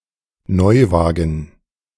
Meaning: new car
- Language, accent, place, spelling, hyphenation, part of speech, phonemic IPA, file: German, Germany, Berlin, Neuwagen, Neu‧wa‧gen, noun, /ˈnɔʏ̯ˌvaːɡən/, De-Neuwagen.ogg